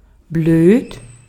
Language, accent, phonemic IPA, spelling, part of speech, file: German, Austria, /bløːt/, blöd, adjective, De-at-blöd.ogg
- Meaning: 1. stupid, dim-witted 2. unfortunate, annoying (of situations) 3. stupid, damn; used as a general descriptor towards things one is frustrated with 4. shy, timid